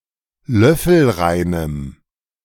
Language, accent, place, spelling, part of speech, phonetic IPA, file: German, Germany, Berlin, löffelreinem, adjective, [ˈlœfl̩ˌʁaɪ̯nəm], De-löffelreinem.ogg
- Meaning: strong dative masculine/neuter singular of löffelrein